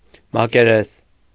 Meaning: 1. surface 2. area
- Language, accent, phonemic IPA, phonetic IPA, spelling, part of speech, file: Armenian, Eastern Armenian, /mɑkeˈɾes/, [mɑkeɾés], մակերես, noun, Hy-մակերես.ogg